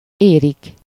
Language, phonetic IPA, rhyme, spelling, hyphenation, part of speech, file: Hungarian, [ˈeːrik], -eːrik, érik, érik, verb, Hu-érik.ogg
- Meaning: 1. to ripen, mature, become ripe 2. third-person plural indicative present definite of ér